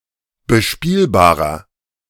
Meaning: 1. comparative degree of bespielbar 2. inflection of bespielbar: strong/mixed nominative masculine singular 3. inflection of bespielbar: strong genitive/dative feminine singular
- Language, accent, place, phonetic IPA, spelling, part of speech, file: German, Germany, Berlin, [bəˈʃpiːlbaːʁɐ], bespielbarer, adjective, De-bespielbarer.ogg